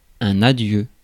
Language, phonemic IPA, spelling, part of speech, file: French, /a.djø/, adieu, interjection / noun, Fr-adieu.ogg
- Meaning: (interjection) 1. farewell, adieu 2. goodbye, see you soon 3. hello 4. hello, goodbye; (noun) farewell